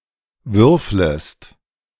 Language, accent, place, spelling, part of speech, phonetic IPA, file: German, Germany, Berlin, würflest, verb, [ˈvʏʁfləst], De-würflest.ogg
- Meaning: second-person singular subjunctive I of würfeln